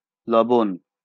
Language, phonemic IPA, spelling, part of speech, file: Bengali, /lɔbon/, লবণ, noun, LL-Q9610 (ben)-লবণ.wav
- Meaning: salt